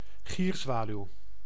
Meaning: common swift (Apus apus)
- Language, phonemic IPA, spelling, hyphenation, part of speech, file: Dutch, /ˈɣirˌzʋaː.lyu̯/, gierzwaluw, gier‧zwa‧luw, noun, Nl-gierzwaluw.ogg